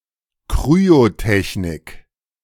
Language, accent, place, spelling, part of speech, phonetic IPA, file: German, Germany, Berlin, Kryotechnik, noun, [ˈkʁyotɛçnɪk], De-Kryotechnik.ogg
- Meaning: 1. cryotechnology, cryoengineering 2. cryogenic technique